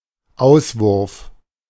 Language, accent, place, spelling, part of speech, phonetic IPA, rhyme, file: German, Germany, Berlin, Auswurf, noun, [ˈaʊ̯svʊʁf], -aʊ̯svʊʁf, De-Auswurf.ogg
- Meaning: 1. ejection, emission 2. sputum